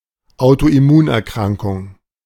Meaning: autoimmune disease
- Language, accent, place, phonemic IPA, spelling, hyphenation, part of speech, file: German, Germany, Berlin, /aʊ̯toʔɪˈmuːnʔɛɐ̯ˌkʁaŋkʊŋ/, Autoimmunerkrankung, Au‧to‧im‧mun‧er‧kran‧kung, noun, De-Autoimmunerkrankung.ogg